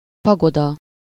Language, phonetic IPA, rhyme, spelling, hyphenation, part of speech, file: Hungarian, [ˈpɒɡodɒ], -dɒ, pagoda, pa‧go‧da, noun, Hu-pagoda.ogg
- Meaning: pagoda